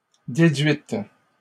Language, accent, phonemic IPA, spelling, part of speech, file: French, Canada, /de.dɥit/, déduites, adjective, LL-Q150 (fra)-déduites.wav
- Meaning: feminine plural of déduit